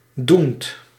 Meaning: present participle of doen
- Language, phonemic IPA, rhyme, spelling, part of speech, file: Dutch, /dunt/, -unt, doend, verb, Nl-doend.ogg